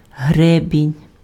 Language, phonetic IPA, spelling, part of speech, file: Ukrainian, [ˈɦrɛbʲinʲ], гребінь, noun, Uk-гребінь.ogg
- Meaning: 1. comb (for combing hair) 2. comb, crest (growth on top of the head of some birds and other animals) 3. cockscomb 4. crest, ridge (of waves or a mountain range, etc)